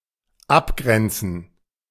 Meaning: to delimit, to demarcate
- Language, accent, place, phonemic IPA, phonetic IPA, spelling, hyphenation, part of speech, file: German, Germany, Berlin, /ˈapˌɡʁɛntsən/, [ˈʔapˌɡʁɛntsn̩], abgrenzen, ab‧gren‧zen, verb, De-abgrenzen.ogg